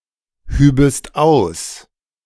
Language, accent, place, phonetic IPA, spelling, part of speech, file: German, Germany, Berlin, [ˌhyːbəst ˈaʊ̯s], hübest aus, verb, De-hübest aus.ogg
- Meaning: second-person singular subjunctive II of ausheben